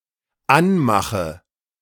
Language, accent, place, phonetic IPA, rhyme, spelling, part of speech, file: German, Germany, Berlin, [ˈanˌmaxə], -anmaxə, anmache, verb, De-anmache.ogg
- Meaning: inflection of anmachen: 1. first-person singular dependent present 2. first/third-person singular dependent subjunctive I